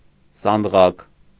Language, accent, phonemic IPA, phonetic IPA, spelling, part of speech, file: Armenian, Eastern Armenian, /sɑndˈʁɑk/, [sɑndʁɑ́k], սանդղակ, noun, Hy-սանդղակ.ogg
- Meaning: 1. diminutive of սանդուղք (sanduġkʻ) 2. scale (sequence for measurement)